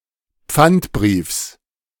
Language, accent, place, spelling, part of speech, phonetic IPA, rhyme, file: German, Germany, Berlin, Pfandbriefs, noun, [ˈp͡fantˌbʁiːfs], -antbʁiːfs, De-Pfandbriefs.ogg
- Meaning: genitive singular of Pfandbrief